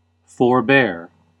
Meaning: 1. To keep away from; to avoid; to abstain from 2. To refrain from proceeding; to pause; to delay 3. To refuse; to decline; to withsay; to unheed 4. To control oneself when provoked
- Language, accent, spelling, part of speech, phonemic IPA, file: English, US, forbear, verb, /fɔɹˈbɛɚ/, En-us-forbear.ogg